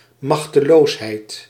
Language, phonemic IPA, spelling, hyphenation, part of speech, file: Dutch, /ˌmɑx.təˈloːs.ɦɛi̯t/, machteloosheid, mach‧te‧loos‧heid, noun, Nl-machteloosheid.ogg
- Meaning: powerlessness